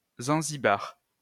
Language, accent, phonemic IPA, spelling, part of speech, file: French, France, /zɑ̃.zi.baʁ/, zanzibar, noun, LL-Q150 (fra)-zanzibar.wav
- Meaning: a game played with three dice